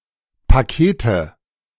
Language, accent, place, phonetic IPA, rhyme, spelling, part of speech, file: German, Germany, Berlin, [paˈkeːtə], -eːtə, Pakete, noun, De-Pakete.ogg
- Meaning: nominative/accusative/genitive plural of Paket